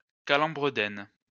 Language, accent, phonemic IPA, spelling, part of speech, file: French, France, /ka.lɑ̃.bʁə.dɛn/, calembredaine, noun, LL-Q150 (fra)-calembredaine.wav
- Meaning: balderdash, nonsense